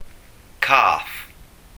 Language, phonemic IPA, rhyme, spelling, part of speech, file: Welsh, /kaːθ/, -aːθ, cath, noun, Cy-cath.ogg
- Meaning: 1. cat 2. cat: wildcat 3. cat-o'-nine-tails 4. tipcat 5. tipcat: piece of wood used in this game